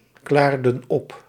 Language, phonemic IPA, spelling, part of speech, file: Dutch, /ˈklardə(n) ˈɔp/, klaarden op, verb, Nl-klaarden op.ogg
- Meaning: inflection of opklaren: 1. plural past indicative 2. plural past subjunctive